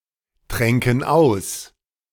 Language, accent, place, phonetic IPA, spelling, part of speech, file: German, Germany, Berlin, [ˌtʁɛŋkn̩ ˈaʊ̯s], tränken aus, verb, De-tränken aus.ogg
- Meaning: first-person plural subjunctive II of austrinken